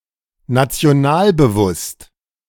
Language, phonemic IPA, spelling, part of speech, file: German, /nat͡si̯oˈnaːlbəˌvʊst/, nationalbewusst, adjective, De-nationalbewusst.oga
- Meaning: nationalist